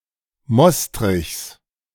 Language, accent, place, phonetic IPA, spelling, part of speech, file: German, Germany, Berlin, [ˈmɔstʁɪçs], Mostrichs, noun, De-Mostrichs.ogg
- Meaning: genitive singular of Mostrich